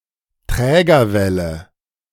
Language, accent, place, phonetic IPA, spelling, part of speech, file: German, Germany, Berlin, [ˈtʁɛːɡɐˌvɛlə], Trägerwelle, noun, De-Trägerwelle.ogg
- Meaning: carrier wave